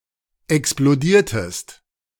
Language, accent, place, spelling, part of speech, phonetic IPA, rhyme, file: German, Germany, Berlin, explodiertest, verb, [ɛksploˈdiːɐ̯təst], -iːɐ̯təst, De-explodiertest.ogg
- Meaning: inflection of explodieren: 1. second-person singular preterite 2. second-person singular subjunctive II